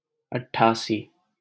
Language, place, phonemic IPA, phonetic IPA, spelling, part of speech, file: Hindi, Delhi, /əʈ.ʈʰɑː.siː/, [ɐʈ̚.ʈʰäː.siː], अट्ठासी, numeral, LL-Q1568 (hin)-अट्ठासी.wav
- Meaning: eighty-eight